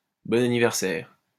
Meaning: happy birthday
- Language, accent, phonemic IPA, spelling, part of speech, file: French, France, /bɔ.n‿a.ni.vɛʁ.sɛʁ/, bon anniversaire, interjection, LL-Q150 (fra)-bon anniversaire.wav